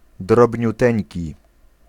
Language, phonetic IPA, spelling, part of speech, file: Polish, [ˌdrɔbʲɲuˈtɛ̃ɲci], drobniuteńki, adjective, Pl-drobniuteńki.ogg